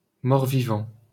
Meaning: undead (those creatures which are dead yet still move)
- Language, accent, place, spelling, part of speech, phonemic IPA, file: French, France, Paris, mort-vivant, noun, /mɔʁ.vi.vɑ̃/, LL-Q150 (fra)-mort-vivant.wav